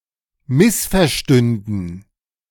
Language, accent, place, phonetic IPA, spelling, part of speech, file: German, Germany, Berlin, [ˈmɪsfɛɐ̯ˌʃtʏndn̩], missverstünden, verb, De-missverstünden.ogg
- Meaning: first/third-person plural subjunctive II of missverstehen